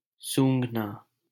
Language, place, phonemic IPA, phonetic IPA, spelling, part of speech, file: Hindi, Delhi, /suːŋɡʱ.nɑː/, [sũːŋɡʱ.näː], सूंघना, verb, LL-Q1568 (hin)-सूंघना.wav
- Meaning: alternative form of सूँघना (sūṅghnā)